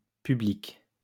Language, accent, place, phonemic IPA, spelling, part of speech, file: French, France, Lyon, /py.blik/, publiques, adjective, LL-Q150 (fra)-publiques.wav
- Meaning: feminine plural of public